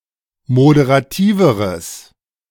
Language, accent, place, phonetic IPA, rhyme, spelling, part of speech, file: German, Germany, Berlin, [modeʁaˈtiːvəʁəs], -iːvəʁəs, moderativeres, adjective, De-moderativeres.ogg
- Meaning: strong/mixed nominative/accusative neuter singular comparative degree of moderativ